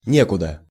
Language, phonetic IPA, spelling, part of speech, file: Russian, [ˈnʲekʊdə], некуда, adjective, Ru-некуда.ogg
- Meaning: there is nowhere